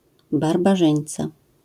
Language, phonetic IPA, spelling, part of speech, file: Polish, [ˌbarbaˈʒɨ̃j̃nt͡sa], barbarzyńca, noun, LL-Q809 (pol)-barbarzyńca.wav